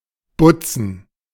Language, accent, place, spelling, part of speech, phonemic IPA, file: German, Germany, Berlin, Butzen, noun, /ˈbʊt͡sən/, De-Butzen.ogg
- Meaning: 1. apple core 2. bulging, thickening in glass 3. plural of Butze